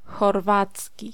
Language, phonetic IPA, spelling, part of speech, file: Polish, [xɔrˈvat͡sʲci], chorwacki, adjective / noun, Pl-chorwacki.ogg